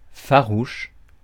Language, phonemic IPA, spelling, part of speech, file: French, /fa.ʁuʃ/, farouche, adjective, Fr-farouche.ogg
- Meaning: 1. wild, shy of humans 2. shy, unsociable, retiring, hesitant 3. distant, unapproachable 4. stubborn, intransigent 5. savage, dangerous, fierce 6. staunch